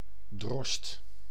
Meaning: reeve, steward
- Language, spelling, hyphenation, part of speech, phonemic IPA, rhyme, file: Dutch, drost, drost, noun, /drɔst/, -ɔst, Nl-drost.ogg